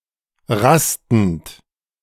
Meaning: present participle of rasten
- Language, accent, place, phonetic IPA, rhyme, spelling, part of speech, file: German, Germany, Berlin, [ˈʁastn̩t], -astn̩t, rastend, verb, De-rastend.ogg